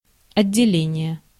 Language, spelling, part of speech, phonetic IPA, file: Russian, отделение, noun, [ɐdʲːɪˈlʲenʲɪje], Ru-отделение.ogg
- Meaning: 1. department, division, branch 2. separation 3. secretion 4. compartment 5. squad, section